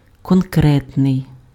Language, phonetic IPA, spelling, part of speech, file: Ukrainian, [kɔnˈkrɛtnei̯], конкретний, adjective, Uk-конкретний.ogg
- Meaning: concrete, specific